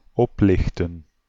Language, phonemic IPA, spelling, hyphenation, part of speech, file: Dutch, /ˈɔplɪxtə(n)/, oplichten, op‧lich‧ten, verb, Nl-oplichten.ogg
- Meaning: 1. to light up 2. to lift up 3. to scam, to swindle